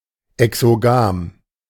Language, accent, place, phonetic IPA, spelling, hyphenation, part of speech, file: German, Germany, Berlin, [ɛksoˈɡaːm], exogam, exo‧gam, adjective, De-exogam.ogg
- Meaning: exogamous